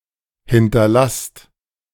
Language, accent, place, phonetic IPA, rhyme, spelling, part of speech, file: German, Germany, Berlin, [ˌhɪntɐˈlast], -ast, hinterlasst, verb, De-hinterlasst.ogg
- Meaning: inflection of hinterlassen: 1. second-person plural present 2. plural imperative